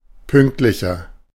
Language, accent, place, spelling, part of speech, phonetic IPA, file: German, Germany, Berlin, pünktlicher, adjective, [ˈpʏŋktlɪçɐ], De-pünktlicher.ogg
- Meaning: 1. comparative degree of pünktlich 2. inflection of pünktlich: strong/mixed nominative masculine singular 3. inflection of pünktlich: strong genitive/dative feminine singular